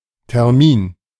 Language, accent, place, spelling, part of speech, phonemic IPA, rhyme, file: German, Germany, Berlin, Termin, noun, /tɛʁˈmiːn/, -iːn, De-Termin.ogg
- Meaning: 1. date (day on which a certain event takes place) 2. deadline (date on or before which something must be completed)